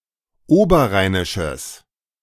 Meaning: strong/mixed nominative/accusative neuter singular of oberrheinisch
- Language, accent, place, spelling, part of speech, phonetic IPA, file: German, Germany, Berlin, oberrheinisches, adjective, [ˈoːbɐˌʁaɪ̯nɪʃəs], De-oberrheinisches.ogg